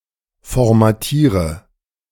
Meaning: inflection of formatieren: 1. first-person singular present 2. first/third-person singular subjunctive I 3. singular imperative
- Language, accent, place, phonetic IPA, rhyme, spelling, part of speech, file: German, Germany, Berlin, [fɔʁmaˈtiːʁə], -iːʁə, formatiere, verb, De-formatiere.ogg